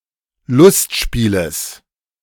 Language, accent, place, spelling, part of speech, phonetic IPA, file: German, Germany, Berlin, Lustspieles, noun, [ˈlʊstˌʃpiːləs], De-Lustspieles.ogg
- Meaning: genitive singular of Lustspiel